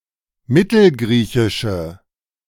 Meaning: inflection of mittelgriechisch: 1. strong/mixed nominative/accusative feminine singular 2. strong nominative/accusative plural 3. weak nominative all-gender singular
- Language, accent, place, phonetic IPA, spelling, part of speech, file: German, Germany, Berlin, [ˈmɪtl̩ˌɡʁiːçɪʃə], mittelgriechische, adjective, De-mittelgriechische.ogg